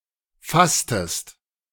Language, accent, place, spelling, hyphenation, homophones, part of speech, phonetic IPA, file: German, Germany, Berlin, fasstest, fass‧test, fastest, verb, [ˈfastəst], De-fasstest.ogg
- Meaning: inflection of fassen: 1. second-person singular preterite 2. second-person singular subjunctive II